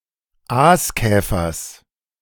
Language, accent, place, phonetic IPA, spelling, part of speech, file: German, Germany, Berlin, [ˈaːsˌkɛːfɐs], Aaskäfers, noun, De-Aaskäfers.ogg
- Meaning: genitive of Aaskäfer